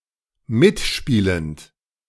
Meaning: present participle of mitspielen
- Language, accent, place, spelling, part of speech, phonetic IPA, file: German, Germany, Berlin, mitspielend, verb, [ˈmɪtˌʃpiːlənt], De-mitspielend.ogg